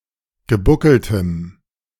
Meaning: strong dative masculine/neuter singular of gebuckelt
- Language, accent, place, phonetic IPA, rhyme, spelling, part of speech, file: German, Germany, Berlin, [ɡəˈbʊkl̩təm], -ʊkl̩təm, gebuckeltem, adjective, De-gebuckeltem.ogg